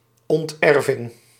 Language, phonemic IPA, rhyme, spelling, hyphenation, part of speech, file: Dutch, /ˌɔntˈɛr.vɪŋ/, -ɛrvɪŋ, onterving, ont‧er‧ving, noun, Nl-onterving.ogg
- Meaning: disinheritance, disowning